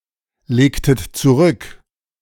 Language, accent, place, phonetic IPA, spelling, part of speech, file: German, Germany, Berlin, [ˌleːktət t͡suˈʁʏk], legtet zurück, verb, De-legtet zurück.ogg
- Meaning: inflection of zurücklegen: 1. second-person plural preterite 2. second-person plural subjunctive II